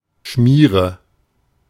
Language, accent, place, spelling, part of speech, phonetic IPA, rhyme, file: German, Germany, Berlin, Schmiere, noun, [ˈʃmiːʁə], -iːʁə, De-Schmiere.ogg
- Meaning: 1. grease 2. goo, gunk 3. smear 4. cream, ointment 5. guard, watch, especially during the perpetration of a crime or otherwise forbidden act